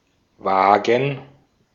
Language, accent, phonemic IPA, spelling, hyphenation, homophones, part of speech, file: German, Austria, /ˈvaːɡən/, Waagen, Waa‧gen, vagen / wagen / Wagen, noun, De-at-Waagen.ogg
- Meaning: plural of Waage